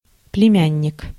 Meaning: nephew
- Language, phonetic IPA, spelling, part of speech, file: Russian, [plʲɪˈmʲænʲːɪk], племянник, noun, Ru-племянник.ogg